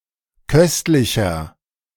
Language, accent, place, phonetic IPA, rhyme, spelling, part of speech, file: German, Germany, Berlin, [ˈkœstlɪçɐ], -œstlɪçɐ, köstlicher, adjective, De-köstlicher.ogg
- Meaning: 1. comparative degree of köstlich 2. inflection of köstlich: strong/mixed nominative masculine singular 3. inflection of köstlich: strong genitive/dative feminine singular